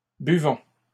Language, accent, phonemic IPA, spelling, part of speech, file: French, Canada, /by.vɔ̃/, buvons, verb, LL-Q150 (fra)-buvons.wav
- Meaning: inflection of boire: 1. first-person plural present indicative 2. first-person plural imperative